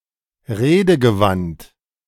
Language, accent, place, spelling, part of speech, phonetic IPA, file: German, Germany, Berlin, redegewandt, adjective, [ˈʁeːdəɡəˌvant], De-redegewandt.ogg
- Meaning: eloquent